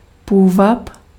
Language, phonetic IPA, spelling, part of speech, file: Czech, [ˈpuːvap], půvab, noun, Cs-půvab.ogg
- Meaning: charm